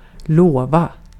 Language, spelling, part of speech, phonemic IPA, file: Swedish, lova, verb, /²loːˌva/, Sv-lova.ogg
- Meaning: 1. to promise (to commit to something) 2. to assure (to give someone confidence in the trustworthiness of something) 3. to praise, to laud